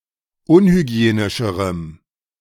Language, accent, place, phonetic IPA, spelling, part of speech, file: German, Germany, Berlin, [ˈʊnhyˌɡi̯eːnɪʃəʁəm], unhygienischerem, adjective, De-unhygienischerem.ogg
- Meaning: strong dative masculine/neuter singular comparative degree of unhygienisch